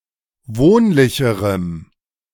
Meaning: strong dative masculine/neuter singular comparative degree of wohnlich
- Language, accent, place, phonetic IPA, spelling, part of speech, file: German, Germany, Berlin, [ˈvoːnlɪçəʁəm], wohnlicherem, adjective, De-wohnlicherem.ogg